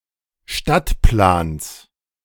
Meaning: genitive singular of Stadtplan
- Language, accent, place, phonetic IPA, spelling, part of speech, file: German, Germany, Berlin, [ˈʃtatˌplaːns], Stadtplans, noun, De-Stadtplans.ogg